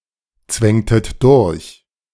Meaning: inflection of durchzwängen: 1. second-person plural preterite 2. second-person plural subjunctive II
- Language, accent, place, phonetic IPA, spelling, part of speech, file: German, Germany, Berlin, [ˌt͡svɛŋtət ˈdʊʁç], zwängtet durch, verb, De-zwängtet durch.ogg